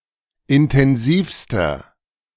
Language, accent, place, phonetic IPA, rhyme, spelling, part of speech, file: German, Germany, Berlin, [ɪntɛnˈziːfstɐ], -iːfstɐ, intensivster, adjective, De-intensivster.ogg
- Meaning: inflection of intensiv: 1. strong/mixed nominative masculine singular superlative degree 2. strong genitive/dative feminine singular superlative degree 3. strong genitive plural superlative degree